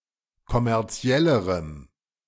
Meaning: strong dative masculine/neuter singular comparative degree of kommerziell
- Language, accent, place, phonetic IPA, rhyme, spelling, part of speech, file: German, Germany, Berlin, [kɔmɛʁˈt͡si̯ɛləʁəm], -ɛləʁəm, kommerziellerem, adjective, De-kommerziellerem.ogg